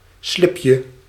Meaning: diminutive of slip
- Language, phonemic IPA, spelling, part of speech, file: Dutch, /ˈslɪpjə/, slipje, noun, Nl-slipje.ogg